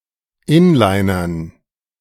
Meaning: to rollerblade, to inline skate
- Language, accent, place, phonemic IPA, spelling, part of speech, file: German, Germany, Berlin, /ˈɪnˌlaɪ̯nɐn/, inlinern, verb, De-inlinern.ogg